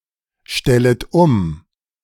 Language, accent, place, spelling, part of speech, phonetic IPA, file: German, Germany, Berlin, stellet um, verb, [ˌʃtɛlət ˈʊm], De-stellet um.ogg
- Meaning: second-person plural subjunctive I of umstellen